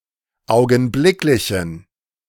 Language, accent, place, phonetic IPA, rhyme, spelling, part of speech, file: German, Germany, Berlin, [ˌaʊ̯ɡn̩ˈblɪklɪçn̩], -ɪklɪçn̩, augenblicklichen, adjective, De-augenblicklichen.ogg
- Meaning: inflection of augenblicklich: 1. strong genitive masculine/neuter singular 2. weak/mixed genitive/dative all-gender singular 3. strong/weak/mixed accusative masculine singular 4. strong dative plural